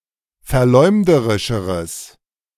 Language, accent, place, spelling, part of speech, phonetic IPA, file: German, Germany, Berlin, verleumderischeres, adjective, [fɛɐ̯ˈlɔɪ̯mdəʁɪʃəʁəs], De-verleumderischeres.ogg
- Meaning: strong/mixed nominative/accusative neuter singular comparative degree of verleumderisch